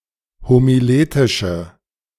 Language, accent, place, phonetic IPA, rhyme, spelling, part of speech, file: German, Germany, Berlin, [homiˈleːtɪʃə], -eːtɪʃə, homiletische, adjective, De-homiletische.ogg
- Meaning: inflection of homiletisch: 1. strong/mixed nominative/accusative feminine singular 2. strong nominative/accusative plural 3. weak nominative all-gender singular